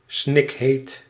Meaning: smoldering hot, sweltering
- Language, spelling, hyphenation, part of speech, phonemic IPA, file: Dutch, snikheet, snik‧heet, adjective, /ˈsnɪk.ɦeːt/, Nl-snikheet.ogg